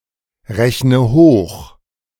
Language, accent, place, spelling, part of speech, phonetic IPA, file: German, Germany, Berlin, rechne hoch, verb, [ˌʁɛçnə ˈhoːx], De-rechne hoch.ogg
- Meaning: inflection of hochrechnen: 1. first-person singular present 2. first/third-person singular subjunctive I 3. singular imperative